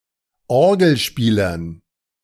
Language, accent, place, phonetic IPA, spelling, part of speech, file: German, Germany, Berlin, [ˈɔʁɡl̩ˌʃpiːlɐn], Orgelspielern, noun, De-Orgelspielern.ogg
- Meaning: dative plural of Orgelspieler